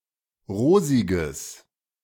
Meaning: strong/mixed nominative/accusative neuter singular of rosig
- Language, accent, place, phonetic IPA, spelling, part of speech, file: German, Germany, Berlin, [ˈʁoːzɪɡəs], rosiges, adjective, De-rosiges.ogg